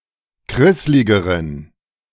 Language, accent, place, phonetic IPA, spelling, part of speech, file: German, Germany, Berlin, [ˈkʁɪslɪɡəʁən], krissligeren, adjective, De-krissligeren.ogg
- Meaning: inflection of krisslig: 1. strong genitive masculine/neuter singular comparative degree 2. weak/mixed genitive/dative all-gender singular comparative degree